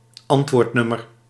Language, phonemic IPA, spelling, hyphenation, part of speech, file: Dutch, /ˈɑnt.ʋoːrtˌnʏ.mər/, antwoordnummer, ant‧woord‧num‧mer, noun, Nl-antwoordnummer.ogg
- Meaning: 1. a number (telephone, fax etc.) which is intended for receiving replies 2. a post office box where the recipient rather than the sender pays for postage